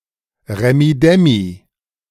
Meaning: racket, revelry
- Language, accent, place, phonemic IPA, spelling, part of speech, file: German, Germany, Berlin, /ˌʁɛmiˈdɛmi/, Remmidemmi, noun, De-Remmidemmi.ogg